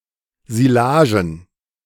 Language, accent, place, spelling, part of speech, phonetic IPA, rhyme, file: German, Germany, Berlin, Silagen, noun, [zɪˈlaːʒn̩], -aːʒn̩, De-Silagen.ogg
- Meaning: plural of Silage